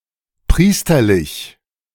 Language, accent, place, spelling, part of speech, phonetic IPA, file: German, Germany, Berlin, priesterlich, adjective, [ˈpʁiːstɐlɪç], De-priesterlich.ogg
- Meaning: priestly, clerical